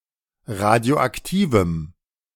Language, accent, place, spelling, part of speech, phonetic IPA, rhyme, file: German, Germany, Berlin, radioaktivem, adjective, [ˌʁadi̯oʔakˈtiːvm̩], -iːvm̩, De-radioaktivem.ogg
- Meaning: strong dative masculine/neuter singular of radioaktiv